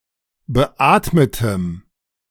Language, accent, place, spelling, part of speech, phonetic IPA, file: German, Germany, Berlin, beatmetem, adjective, [bəˈʔaːtmətəm], De-beatmetem.ogg
- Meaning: strong dative masculine/neuter singular of beatmet